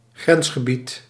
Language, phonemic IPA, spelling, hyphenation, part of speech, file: Dutch, /ˈɣrɛns.xəˌbit/, grensgebied, grens‧ge‧bied, noun, Nl-grensgebied.ogg
- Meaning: border region